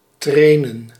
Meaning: 1. to train (teach, practice skills) an animal, especially for use at hunting 2. to train, coach a person or team, e.g. supervise exercises 3. to train oneself (in ...)
- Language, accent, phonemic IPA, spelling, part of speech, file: Dutch, Netherlands, /ˈtreː.nə(n)/, trainen, verb, Nl-trainen.ogg